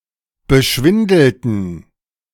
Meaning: inflection of beschwindeln: 1. first/third-person plural preterite 2. first/third-person plural subjunctive II
- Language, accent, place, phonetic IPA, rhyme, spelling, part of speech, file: German, Germany, Berlin, [bəˈʃvɪndl̩tn̩], -ɪndl̩tn̩, beschwindelten, adjective / verb, De-beschwindelten.ogg